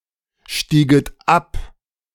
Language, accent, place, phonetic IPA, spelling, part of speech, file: German, Germany, Berlin, [ˌʃtiːɡət ˈap], stieget ab, verb, De-stieget ab.ogg
- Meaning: second-person plural subjunctive II of absteigen